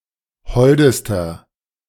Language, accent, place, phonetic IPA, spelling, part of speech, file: German, Germany, Berlin, [ˈhɔldəstɐ], holdester, adjective, De-holdester.ogg
- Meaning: inflection of hold: 1. strong/mixed nominative masculine singular superlative degree 2. strong genitive/dative feminine singular superlative degree 3. strong genitive plural superlative degree